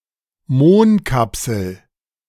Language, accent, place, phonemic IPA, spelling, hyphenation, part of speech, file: German, Germany, Berlin, /ˈmoːnkapsl̩/, Mohnkapsel, Mohn‧kap‧sel, noun, De-Mohnkapsel.ogg
- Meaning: poppy seed capsule